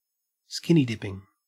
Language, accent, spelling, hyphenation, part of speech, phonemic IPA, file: English, Australia, skinny dipping, skin‧ny dip‧ping, noun, /ˈskɪni ˈdɪpɪŋ/, En-au-skinny dipping.ogg
- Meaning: Swimming in the nude, as opposed to with a swimsuit